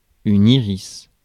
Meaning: iris
- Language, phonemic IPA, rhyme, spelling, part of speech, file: French, /i.ʁis/, -is, iris, noun, Fr-iris.ogg